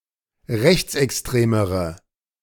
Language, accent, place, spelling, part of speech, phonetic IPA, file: German, Germany, Berlin, rechtsextremere, adjective, [ˈʁɛçt͡sʔɛksˌtʁeːməʁə], De-rechtsextremere.ogg
- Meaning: inflection of rechtsextrem: 1. strong/mixed nominative/accusative feminine singular comparative degree 2. strong nominative/accusative plural comparative degree